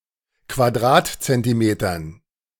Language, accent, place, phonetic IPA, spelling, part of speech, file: German, Germany, Berlin, [kvaˈdʁaːtt͡sɛntiˌmeːtɐn], Quadratzentimetern, noun, De-Quadratzentimetern.ogg
- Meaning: dative plural of Quadratzentimeter